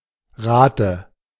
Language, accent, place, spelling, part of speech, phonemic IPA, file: German, Germany, Berlin, Rate, noun, /ˈʁaːtə/, De-Rate.ogg
- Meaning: 1. rate 2. installment, instalment 3. dative singular of Rat